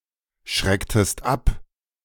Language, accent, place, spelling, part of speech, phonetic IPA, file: German, Germany, Berlin, schrecktest ab, verb, [ˌʃʁɛktəst ˈap], De-schrecktest ab.ogg
- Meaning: inflection of abschrecken: 1. second-person singular preterite 2. second-person singular subjunctive II